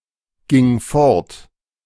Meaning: first/third-person singular preterite of fortgehen
- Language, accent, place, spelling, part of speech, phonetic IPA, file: German, Germany, Berlin, ging fort, verb, [ˌɡɪŋ ˈfɔʁt], De-ging fort.ogg